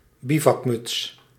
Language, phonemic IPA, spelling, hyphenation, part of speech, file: Dutch, /ˈbi.vɑkˌmʏts/, bivakmuts, bi‧vak‧muts, noun, Nl-bivakmuts.ogg
- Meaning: balaclava